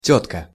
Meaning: 1. aunt 2. woman 3. chick, babe, doll, wench 4. monthly visitor, period, the curse
- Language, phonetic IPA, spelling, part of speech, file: Russian, [ˈtʲɵtkə], тётка, noun, Ru-тётка.ogg